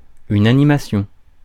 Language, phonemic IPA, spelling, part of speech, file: French, /a.ni.ma.sjɔ̃/, animation, noun, Fr-animation.ogg
- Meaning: animation